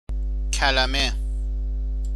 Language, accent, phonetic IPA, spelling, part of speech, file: Persian, Iran, [kʰʲæ.le.mé], کلمه, noun, Fa-کلمه.ogg
- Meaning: word